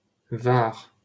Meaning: 1. Var (a department of Provence-Alpes-Côte d'Azur, France) 2. Var (a river in southeast France, flowing through the departments of Alpes-Maritimes and Alpes-de-Haute-Provence)
- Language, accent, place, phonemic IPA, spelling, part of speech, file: French, France, Paris, /vaʁ/, Var, proper noun, LL-Q150 (fra)-Var.wav